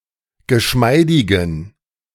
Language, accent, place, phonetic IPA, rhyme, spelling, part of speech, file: German, Germany, Berlin, [ɡəˈʃmaɪ̯dɪɡn̩], -aɪ̯dɪɡn̩, geschmeidigen, adjective, De-geschmeidigen.ogg
- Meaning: inflection of geschmeidig: 1. strong genitive masculine/neuter singular 2. weak/mixed genitive/dative all-gender singular 3. strong/weak/mixed accusative masculine singular 4. strong dative plural